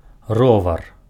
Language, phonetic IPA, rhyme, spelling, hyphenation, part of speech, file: Belarusian, [ˈrovar], -ovar, ровар, ро‧вар, noun, Be-ровар.ogg
- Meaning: bicycle